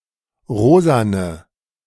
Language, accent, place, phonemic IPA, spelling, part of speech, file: German, Germany, Berlin, /ˈʁoːzanə/, rosane, adjective, De-rosane.ogg
- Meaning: inflection of rosa: 1. strong/mixed nominative/accusative feminine singular 2. strong nominative/accusative plural 3. weak nominative all-gender singular 4. weak accusative feminine/neuter singular